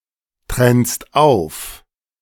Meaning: second-person singular present of auftrennen
- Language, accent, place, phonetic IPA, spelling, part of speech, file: German, Germany, Berlin, [ˌtʁɛnst ˈaʊ̯f], trennst auf, verb, De-trennst auf.ogg